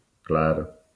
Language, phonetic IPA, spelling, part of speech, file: Polish, [klɛr], kler, noun, LL-Q809 (pol)-kler.wav